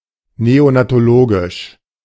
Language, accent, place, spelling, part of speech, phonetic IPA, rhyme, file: German, Germany, Berlin, neonatologisch, adjective, [ˌneonatoˈloːɡɪʃ], -oːɡɪʃ, De-neonatologisch.ogg
- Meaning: neonatal